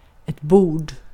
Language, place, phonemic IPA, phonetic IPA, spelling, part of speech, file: Swedish, Gotland, /buːrd/, [buːɖ], bord, noun, Sv-bord.ogg
- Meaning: 1. a table (piece of furniture) 2. plank used in the side of a hull, strake